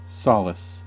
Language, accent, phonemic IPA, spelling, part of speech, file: English, US, /ˈsɑ.lɪs/, solace, noun / verb, En-us-solace.ogg
- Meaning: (noun) 1. Comfort or consolation in a time of loneliness or distress 2. A source of comfort or consolation; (verb) 1. To give solace to; comfort; cheer; console 2. To allay or assuage